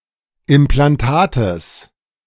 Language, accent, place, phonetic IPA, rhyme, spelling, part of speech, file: German, Germany, Berlin, [ɪmplanˈtaːtəs], -aːtəs, Implantates, noun, De-Implantates.ogg
- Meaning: genitive singular of Implantat